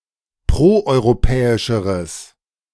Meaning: strong/mixed nominative/accusative neuter singular comparative degree of proeuropäisch
- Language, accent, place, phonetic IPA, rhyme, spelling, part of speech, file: German, Germany, Berlin, [ˌpʁoʔɔɪ̯ʁoˈpɛːɪʃəʁəs], -ɛːɪʃəʁəs, proeuropäischeres, adjective, De-proeuropäischeres.ogg